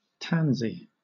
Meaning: A herbaceous plant with yellow flowers, of the genus Tanacetum, especially Tanacetum vulgare
- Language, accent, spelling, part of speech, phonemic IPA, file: English, Southern England, tansy, noun, /ˈtanzi/, LL-Q1860 (eng)-tansy.wav